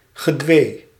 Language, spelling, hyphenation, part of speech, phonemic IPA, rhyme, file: Dutch, gedwee, ge‧dwee, adjective, /ɣəˈdʋeː/, -eː, Nl-gedwee.ogg
- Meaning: submissive, humble, docile, meek